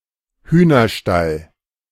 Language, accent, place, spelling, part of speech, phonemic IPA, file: German, Germany, Berlin, Hühnerstall, noun, /ˈhyːnɐˌʃtal/, De-Hühnerstall.ogg
- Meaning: henhouse (house for chickens to live in)